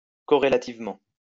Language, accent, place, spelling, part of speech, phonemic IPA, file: French, France, Lyon, corrélativement, adverb, /kɔ.ʁe.la.tiv.mɑ̃/, LL-Q150 (fra)-corrélativement.wav
- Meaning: correlatively